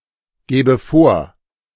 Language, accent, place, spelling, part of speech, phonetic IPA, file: German, Germany, Berlin, gäbe vor, verb, [ˌɡɛːbə ˈfoːɐ̯], De-gäbe vor.ogg
- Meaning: first/third-person singular subjunctive II of vorgeben